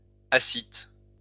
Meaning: ascites
- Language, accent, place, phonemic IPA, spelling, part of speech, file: French, France, Lyon, /a.sit/, ascite, noun, LL-Q150 (fra)-ascite.wav